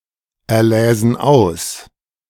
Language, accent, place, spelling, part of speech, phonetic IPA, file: German, Germany, Berlin, erläsen aus, verb, [ɛɐ̯ˌlɛːzn̩ ˈaʊ̯s], De-erläsen aus.ogg
- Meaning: first-person plural subjunctive II of auserlesen